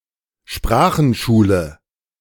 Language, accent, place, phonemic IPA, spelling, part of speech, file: German, Germany, Berlin, /ˈʃpraːxn̩ʃuːlə/, Sprachenschule, noun, De-Sprachenschule.ogg
- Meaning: language school, school of languages